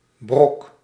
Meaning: 1. a scrap, remnant of shattering 2. damage, harm, wreckage, pieces (as a consequence of an accident) 3. a lump, chunk, piece 4. a dry, lumpy form of pet food
- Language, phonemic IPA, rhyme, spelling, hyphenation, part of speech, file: Dutch, /brɔk/, -ɔk, brok, brok, noun, Nl-brok.ogg